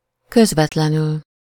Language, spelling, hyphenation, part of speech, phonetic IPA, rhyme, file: Hungarian, közvetlenül, köz‧vet‧le‧nül, adverb, [ˈkøzvɛtlɛnyl], -yl, Hu-közvetlenül.ogg
- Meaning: directly, immediately, right, just